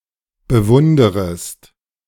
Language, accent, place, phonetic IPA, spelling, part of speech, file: German, Germany, Berlin, [bəˈvʊndəʁəst], bewunderest, verb, De-bewunderest.ogg
- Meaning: second-person singular subjunctive I of bewundern